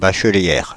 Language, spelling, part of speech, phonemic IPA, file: French, bachelière, noun, /ba.ʃə.ljɛʁ/, Fr-bachelière.ogg
- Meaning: female equivalent of bachelier